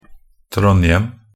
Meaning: a city in Trøndelag, Norway; official name: Trondheim
- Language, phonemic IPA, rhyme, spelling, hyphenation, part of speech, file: Norwegian Bokmål, /ˈtrɔnjəm/, -əm, Trondhjem, Trond‧hjem, proper noun, Nb-trondhjem.ogg